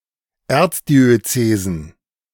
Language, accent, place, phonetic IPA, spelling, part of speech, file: German, Germany, Berlin, [ˈɛʁt͡sdiøˌt͡seːzn̩], Erzdiözesen, noun, De-Erzdiözesen.ogg
- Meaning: plural of Erzdiözese